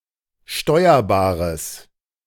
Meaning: strong/mixed nominative/accusative neuter singular of steuerbar
- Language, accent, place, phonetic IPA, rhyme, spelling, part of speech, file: German, Germany, Berlin, [ˈʃtɔɪ̯ɐbaːʁəs], -ɔɪ̯ɐbaːʁəs, steuerbares, adjective, De-steuerbares.ogg